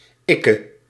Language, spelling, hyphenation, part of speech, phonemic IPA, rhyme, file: Dutch, ikke, ik‧ke, pronoun, /ˈɪ.kə/, -ɪkə, Nl-ikke.ogg
- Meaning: alternative form of ik (“I, me”)